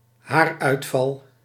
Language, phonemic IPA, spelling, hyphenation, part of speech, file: Dutch, /ˈɦaːr.œy̯tˌfɑl/, haaruitval, haar‧uit‧val, noun, Nl-haaruitval.ogg
- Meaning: hair loss